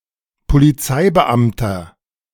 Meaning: policeman, police officer (male or of unspecified gender)
- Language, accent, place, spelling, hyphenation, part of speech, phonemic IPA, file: German, Germany, Berlin, Polizeibeamter, Po‧li‧zei‧be‧am‧ter, noun, /poliˈt͡saɪ̯bəˌʔamtɐ/, De-Polizeibeamter.ogg